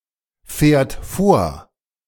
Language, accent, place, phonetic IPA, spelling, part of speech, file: German, Germany, Berlin, [ˌfɛːɐ̯t ˈfoːɐ̯], fährt vor, verb, De-fährt vor.ogg
- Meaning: third-person singular present of vorfahren